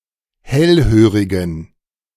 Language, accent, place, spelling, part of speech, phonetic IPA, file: German, Germany, Berlin, hellhörigen, adjective, [ˈhɛlˌhøːʁɪɡn̩], De-hellhörigen.ogg
- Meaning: inflection of hellhörig: 1. strong genitive masculine/neuter singular 2. weak/mixed genitive/dative all-gender singular 3. strong/weak/mixed accusative masculine singular 4. strong dative plural